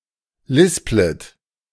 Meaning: second-person plural subjunctive I of lispeln
- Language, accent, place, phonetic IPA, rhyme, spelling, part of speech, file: German, Germany, Berlin, [ˈlɪsplət], -ɪsplət, lisplet, verb, De-lisplet.ogg